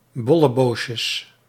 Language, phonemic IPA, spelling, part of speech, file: Dutch, /ˌbɔləˈboʃəs/, bolleboosjes, noun, Nl-bolleboosjes.ogg
- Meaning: plural of bolleboosje